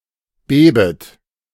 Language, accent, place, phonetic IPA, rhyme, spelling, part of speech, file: German, Germany, Berlin, [ˈbeːbət], -eːbət, bebet, verb, De-bebet.ogg
- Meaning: second-person plural subjunctive I of beben